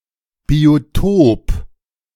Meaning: biotope (geographical area)
- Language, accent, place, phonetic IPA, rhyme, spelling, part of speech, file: German, Germany, Berlin, [bioˈtoːp], -oːp, Biotop, noun, De-Biotop.ogg